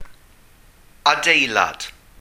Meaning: building
- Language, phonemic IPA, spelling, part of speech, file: Welsh, /aˈdei̯lad/, adeilad, noun, Cy-Adeilad.ogg